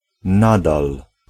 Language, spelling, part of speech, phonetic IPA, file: Polish, nadal, adverb, [ˈnadal], Pl-nadal.ogg